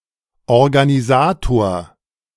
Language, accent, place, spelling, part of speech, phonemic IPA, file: German, Germany, Berlin, Organisator, noun, /ɔrɡaniˈzaːtoːɐ̯/, De-Organisator.ogg
- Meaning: a person tasked with or skilled at organizing